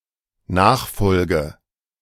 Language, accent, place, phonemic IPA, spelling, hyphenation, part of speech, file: German, Germany, Berlin, /ˈnaːxˌfɔlɡə/, Nachfolge, Nach‧fol‧ge, noun, De-Nachfolge.ogg
- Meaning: succession